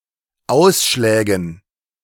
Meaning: dative plural of Ausschlag
- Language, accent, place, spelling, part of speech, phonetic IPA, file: German, Germany, Berlin, Ausschlägen, noun, [ˈaʊ̯sʃlɛːɡn̩], De-Ausschlägen.ogg